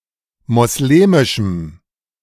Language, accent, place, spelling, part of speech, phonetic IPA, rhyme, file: German, Germany, Berlin, moslemischem, adjective, [mɔsˈleːmɪʃm̩], -eːmɪʃm̩, De-moslemischem.ogg
- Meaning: strong dative masculine/neuter singular of moslemisch